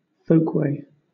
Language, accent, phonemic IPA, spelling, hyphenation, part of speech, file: English, Southern England, /ˈfəʊkweɪ/, folkway, folk‧way, noun, LL-Q1860 (eng)-folkway.wav
- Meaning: A belief or custom common to members of a culture or society